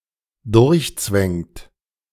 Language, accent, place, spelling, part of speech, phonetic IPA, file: German, Germany, Berlin, durchzwängt, verb, [ˈdʊʁçˌt͡svɛŋt], De-durchzwängt.ogg
- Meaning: inflection of durchzwängen: 1. third-person singular dependent present 2. second-person plural dependent present